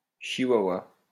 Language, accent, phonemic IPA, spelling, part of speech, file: French, France, /ʃi.wa.wa/, chihuahua, noun, LL-Q150 (fra)-chihuahua.wav
- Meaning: Chihuahua / chihuahua (the dog breed or an individual of this breed)